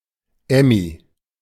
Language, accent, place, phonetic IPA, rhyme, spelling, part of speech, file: German, Germany, Berlin, [ˈɛmi], -ɛmi, Emmy, proper noun, De-Emmy.ogg
- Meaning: a diminutive of the female given names Emilie and Emma